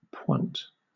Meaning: The tip of the toe; a ballet position executed with the tip of the toe
- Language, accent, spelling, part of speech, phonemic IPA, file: English, Southern England, pointe, noun, /pwæ̃t/, LL-Q1860 (eng)-pointe.wav